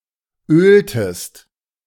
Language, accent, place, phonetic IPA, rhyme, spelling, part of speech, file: German, Germany, Berlin, [ˈøːltəst], -øːltəst, öltest, verb, De-öltest.ogg
- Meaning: inflection of ölen: 1. second-person singular preterite 2. second-person singular subjunctive II